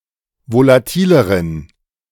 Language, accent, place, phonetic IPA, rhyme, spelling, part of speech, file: German, Germany, Berlin, [volaˈtiːləʁən], -iːləʁən, volatileren, adjective, De-volatileren.ogg
- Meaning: inflection of volatil: 1. strong genitive masculine/neuter singular comparative degree 2. weak/mixed genitive/dative all-gender singular comparative degree